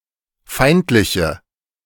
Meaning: inflection of feindlich: 1. strong/mixed nominative/accusative feminine singular 2. strong nominative/accusative plural 3. weak nominative all-gender singular
- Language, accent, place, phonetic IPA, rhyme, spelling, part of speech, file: German, Germany, Berlin, [ˈfaɪ̯ntlɪçə], -aɪ̯ntlɪçə, feindliche, adjective, De-feindliche.ogg